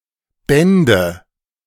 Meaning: nominative/accusative/genitive plural of Band (“volume”)
- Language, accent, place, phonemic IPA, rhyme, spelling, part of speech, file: German, Germany, Berlin, /ˈbɛndə/, -ɛndə, Bände, noun, De-Bände.ogg